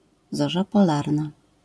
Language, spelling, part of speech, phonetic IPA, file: Polish, zorza polarna, noun, [ˈzɔʒa pɔˈlarna], LL-Q809 (pol)-zorza polarna.wav